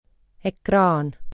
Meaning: screen; display: A surface that reflects, converts or absorbs light for visible output, usually as a part of a device
- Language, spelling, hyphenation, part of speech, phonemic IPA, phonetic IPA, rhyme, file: Estonian, ekraan, ek‧raan, noun, /ekˈrɑːn/, [ekˈrɑːn], -ɑːn, Et-ekraan.ogg